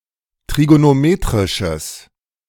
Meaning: strong/mixed nominative/accusative neuter singular of trigonometrisch
- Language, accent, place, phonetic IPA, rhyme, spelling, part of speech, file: German, Germany, Berlin, [tʁiɡonoˈmeːtʁɪʃəs], -eːtʁɪʃəs, trigonometrisches, adjective, De-trigonometrisches.ogg